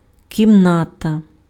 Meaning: room (division in a building)
- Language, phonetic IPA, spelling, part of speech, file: Ukrainian, [kʲimˈnatɐ], кімната, noun, Uk-кімната.ogg